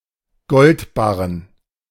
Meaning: bullion (gold bars)
- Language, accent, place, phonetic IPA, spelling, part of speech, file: German, Germany, Berlin, [ˈɡɔltˌbaʁən], Goldbarren, noun, De-Goldbarren.ogg